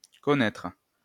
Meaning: post-1990 spelling of connaître
- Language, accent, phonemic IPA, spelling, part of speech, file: French, France, /kɔ.nɛtʁ/, connaitre, verb, LL-Q150 (fra)-connaitre.wav